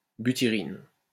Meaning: butyrin
- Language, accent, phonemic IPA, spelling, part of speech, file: French, France, /by.ti.ʁin/, butyrine, noun, LL-Q150 (fra)-butyrine.wav